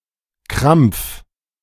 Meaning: 1. cramp 2. convulsion, seizure 3. strain, drudgery
- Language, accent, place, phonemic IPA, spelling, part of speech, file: German, Germany, Berlin, /kʁam(p)f/, Krampf, noun, De-Krampf.ogg